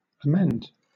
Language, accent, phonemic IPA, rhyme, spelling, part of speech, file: English, Southern England, /əˈmɛnd/, -ɛnd, amend, verb / noun, LL-Q1860 (eng)-amend.wav
- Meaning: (verb) 1. To make better; improve 2. To become better 3. To heal (someone sick); to cure (a disease etc.) 4. To be healed, to be cured, to recover (from an illness)